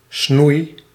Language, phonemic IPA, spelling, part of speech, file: Dutch, /snuj/, snoei, verb / noun, Nl-snoei.ogg
- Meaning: inflection of snoeien: 1. first-person singular present indicative 2. second-person singular present indicative 3. imperative